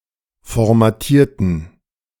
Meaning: inflection of formatieren: 1. first/third-person plural preterite 2. first/third-person plural subjunctive II
- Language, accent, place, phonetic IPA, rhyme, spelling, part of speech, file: German, Germany, Berlin, [fɔʁmaˈtiːɐ̯tn̩], -iːɐ̯tn̩, formatierten, adjective / verb, De-formatierten.ogg